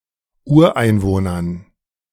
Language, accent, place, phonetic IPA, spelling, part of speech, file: German, Germany, Berlin, [ˈuːɐ̯ʔaɪ̯nˌvoːnɐn], Ureinwohnern, noun, De-Ureinwohnern.ogg
- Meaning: dative plural of Ureinwohner